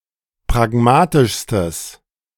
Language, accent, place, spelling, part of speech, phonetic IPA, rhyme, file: German, Germany, Berlin, pragmatischstes, adjective, [pʁaˈɡmaːtɪʃstəs], -aːtɪʃstəs, De-pragmatischstes.ogg
- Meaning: strong/mixed nominative/accusative neuter singular superlative degree of pragmatisch